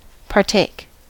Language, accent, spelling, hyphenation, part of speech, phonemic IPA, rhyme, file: English, US, partake, par‧take, verb, /pɑɹˈteɪk/, -eɪk, En-us-partake.ogg
- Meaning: 1. To take part in an activity; to participate 2. To take a share or portion 3. To have something of the properties, character, or office